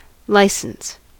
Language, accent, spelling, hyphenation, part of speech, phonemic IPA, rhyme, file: English, US, license, li‧cense, noun / verb, /ˈlaɪ.səns/, -aɪsəns, En-us-license.ogg
- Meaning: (noun) 1. A legal document giving official permission to do something; a permit 2. The legal terms under which a person is allowed to use a product, especially software